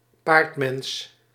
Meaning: centaur or (less commonly) another fictional human–horse hybrid
- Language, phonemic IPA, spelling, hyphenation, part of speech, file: Dutch, /ˈpaːrt.mɛns/, paardmens, paard‧mens, noun, Nl-paardmens.ogg